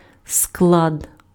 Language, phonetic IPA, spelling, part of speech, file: Ukrainian, [skɫad], склад, noun, Uk-склад.ogg
- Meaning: 1. warehouse 2. composition (combination of individual parts that form something whole) 3. syllable